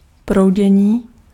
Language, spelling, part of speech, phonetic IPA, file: Czech, proudění, noun, [ˈprou̯ɟɛɲiː], Cs-proudění.ogg
- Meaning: 1. verbal noun of proudit 2. flow